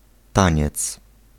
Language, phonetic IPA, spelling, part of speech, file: Polish, [ˈtãɲɛt͡s], taniec, noun, Pl-taniec.ogg